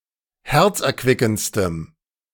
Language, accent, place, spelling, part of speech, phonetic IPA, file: German, Germany, Berlin, herzerquickendstem, adjective, [ˈhɛʁt͡sʔɛɐ̯ˌkvɪkn̩t͡stəm], De-herzerquickendstem.ogg
- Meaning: strong dative masculine/neuter singular superlative degree of herzerquickend